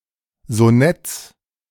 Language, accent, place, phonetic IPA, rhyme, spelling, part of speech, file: German, Germany, Berlin, [zoˈnɛt͡s], -ɛt͡s, Sonetts, noun, De-Sonetts.ogg
- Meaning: genitive of Sonett